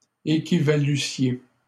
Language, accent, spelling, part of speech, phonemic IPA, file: French, Canada, équivalussiez, verb, /e.ki.va.ly.sje/, LL-Q150 (fra)-équivalussiez.wav
- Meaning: second-person plural imperfect subjunctive of équivaloir